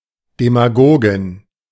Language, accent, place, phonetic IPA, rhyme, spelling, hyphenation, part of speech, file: German, Germany, Berlin, [demaˈɡoːɡɪn], -oːɡɪn, Demagogin, De‧ma‧go‧gin, noun, De-Demagogin.ogg
- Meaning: female equivalent of Demagoge